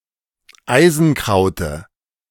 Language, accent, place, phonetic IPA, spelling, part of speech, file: German, Germany, Berlin, [ˈaɪ̯zn̩ˌkʁaʊ̯tə], Eisenkraute, noun, De-Eisenkraute.ogg
- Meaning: dative singular of Eisenkraut